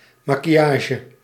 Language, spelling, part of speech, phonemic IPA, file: Dutch, maquillage, noun, /ˌmakiˈjaʒə/, Nl-maquillage.ogg
- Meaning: makeup